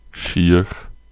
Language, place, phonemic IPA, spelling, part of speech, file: German, Bavaria, /ʃiːɐ̯x/, schiach, adjective, De-schiach.ogg
- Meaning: alternative form of schiech